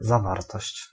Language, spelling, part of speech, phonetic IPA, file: Polish, zawartość, noun, [zaˈvartɔɕt͡ɕ], Pl-zawartość.ogg